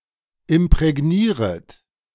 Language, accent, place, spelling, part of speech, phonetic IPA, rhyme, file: German, Germany, Berlin, imprägnieret, verb, [ɪmpʁɛˈɡniːʁət], -iːʁət, De-imprägnieret.ogg
- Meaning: second-person plural subjunctive I of imprägnieren